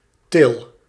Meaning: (noun) 1. dovecote 2. bridge (typically a small wooden bridge made of planks) 3. cage trap (for catching birds); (verb) inflection of tillen: first-person singular present indicative
- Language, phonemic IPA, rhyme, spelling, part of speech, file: Dutch, /tɪl/, -ɪl, til, noun / verb, Nl-til.ogg